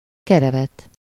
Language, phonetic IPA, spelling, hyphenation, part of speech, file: Hungarian, [ˈkɛrɛvɛt], kerevet, ke‧re‧vet, noun, Hu-kerevet.ogg
- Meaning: ottoman (sofa)